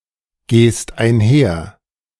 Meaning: second-person singular present of einhergehen
- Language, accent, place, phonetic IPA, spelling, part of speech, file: German, Germany, Berlin, [ˌɡeːst aɪ̯nˈhɛɐ̯], gehst einher, verb, De-gehst einher.ogg